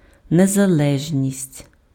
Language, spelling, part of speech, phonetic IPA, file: Ukrainian, незалежність, noun, [nezɐˈɫɛʒnʲisʲtʲ], Uk-незалежність.ogg
- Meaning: independence